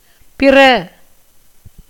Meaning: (noun) other, other thing; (verb) 1. to be born (of children) 2. to be produced (as sound), to be expressed (as oil from seeds), to be derived from (as a word from a root)
- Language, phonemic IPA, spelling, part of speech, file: Tamil, /pɪrɐ/, பிற, noun / verb, Ta-பிற.ogg